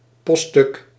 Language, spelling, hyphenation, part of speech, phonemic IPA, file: Dutch, poststuk, post‧stuk, noun, /ˈpɔ(st).stʏk/, Nl-poststuk.ogg
- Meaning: postal article, mail item